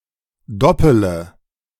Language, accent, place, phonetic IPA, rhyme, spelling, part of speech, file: German, Germany, Berlin, [ˈdɔpələ], -ɔpələ, doppele, verb, De-doppele.ogg
- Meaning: inflection of doppeln: 1. first-person singular present 2. first-person plural subjunctive I 3. third-person singular subjunctive I 4. singular imperative